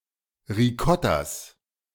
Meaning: genitive of Ricotta
- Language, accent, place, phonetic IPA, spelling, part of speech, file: German, Germany, Berlin, [ʁiˈkɔtas], Ricottas, noun, De-Ricottas.ogg